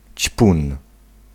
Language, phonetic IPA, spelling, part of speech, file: Polish, [t͡ɕpũn], ćpun, noun, Pl-ćpun.ogg